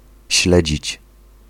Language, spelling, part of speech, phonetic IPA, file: Polish, śledzić, verb, [ˈɕlɛd͡ʑit͡ɕ], Pl-śledzić.ogg